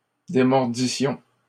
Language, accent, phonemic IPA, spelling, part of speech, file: French, Canada, /de.mɔʁ.di.sjɔ̃/, démordissions, verb, LL-Q150 (fra)-démordissions.wav
- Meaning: first-person plural imperfect subjunctive of démordre